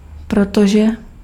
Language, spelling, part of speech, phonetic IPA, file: Czech, protože, conjunction, [ˈprotoʒɛ], Cs-protože.ogg
- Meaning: because